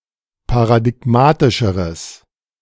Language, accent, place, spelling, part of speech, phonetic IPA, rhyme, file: German, Germany, Berlin, paradigmatischeres, adjective, [paʁadɪˈɡmaːtɪʃəʁəs], -aːtɪʃəʁəs, De-paradigmatischeres.ogg
- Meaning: strong/mixed nominative/accusative neuter singular comparative degree of paradigmatisch